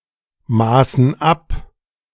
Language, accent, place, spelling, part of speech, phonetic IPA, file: German, Germany, Berlin, maßen ab, verb, [ˌmaːsn̩ ˈap], De-maßen ab.ogg
- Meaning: first/third-person plural preterite of abmessen